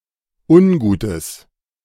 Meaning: strong/mixed nominative/accusative neuter singular of ungut
- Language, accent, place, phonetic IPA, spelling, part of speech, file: German, Germany, Berlin, [ˈʊnˌɡuːtəs], ungutes, adjective, De-ungutes.ogg